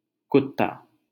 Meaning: 1. dog 2. a conman, cheat, dog 3. a lackey, servant
- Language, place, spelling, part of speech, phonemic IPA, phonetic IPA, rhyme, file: Hindi, Delhi, कुत्ता, noun, /kʊt̪.t̪ɑː/, [kʊt̪̚.t̪äː], -ɑː, LL-Q1568 (hin)-कुत्ता.wav